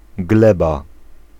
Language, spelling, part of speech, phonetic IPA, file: Polish, gleba, noun, [ˈɡlɛba], Pl-gleba.ogg